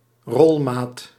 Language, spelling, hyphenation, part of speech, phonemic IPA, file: Dutch, rolmaat, rol‧maat, noun, /ˈrɔl.maːt/, Nl-rolmaat.ogg
- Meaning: self-retracting tape measure